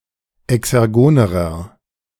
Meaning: inflection of exergon: 1. strong/mixed nominative masculine singular comparative degree 2. strong genitive/dative feminine singular comparative degree 3. strong genitive plural comparative degree
- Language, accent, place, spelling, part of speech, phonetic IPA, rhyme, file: German, Germany, Berlin, exergonerer, adjective, [ɛksɛʁˈɡoːnəʁɐ], -oːnəʁɐ, De-exergonerer.ogg